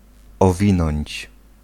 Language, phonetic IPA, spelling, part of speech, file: Polish, [ɔˈvʲĩnɔ̃ɲt͡ɕ], owinąć, verb, Pl-owinąć.ogg